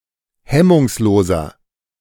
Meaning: 1. comparative degree of hemmungslos 2. inflection of hemmungslos: strong/mixed nominative masculine singular 3. inflection of hemmungslos: strong genitive/dative feminine singular
- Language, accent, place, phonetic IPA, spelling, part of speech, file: German, Germany, Berlin, [ˈhɛmʊŋsˌloːzɐ], hemmungsloser, adjective, De-hemmungsloser.ogg